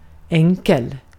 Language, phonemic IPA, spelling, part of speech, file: Swedish, /ˈɛŋ.kɛl/, enkel, adjective, Sv-enkel.ogg
- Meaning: 1. simple, easy (not difficult) 2. simple (not complex) 3. simple (not complex): simple (plain) 4. single (not double or more) 5. single (not double or more): one-way, single